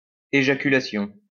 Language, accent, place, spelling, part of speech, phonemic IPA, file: French, France, Lyon, éjaculation, noun, /e.ʒa.ky.la.sjɔ̃/, LL-Q150 (fra)-éjaculation.wav
- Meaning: ejaculation